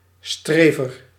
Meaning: 1. one who strives; striver 2. a person who studies hard or makes a great effort in another way; a try-hard, a nerd
- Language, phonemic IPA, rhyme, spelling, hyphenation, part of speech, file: Dutch, /ˈstreː.vər/, -eːvər, strever, stre‧ver, noun, Nl-strever.ogg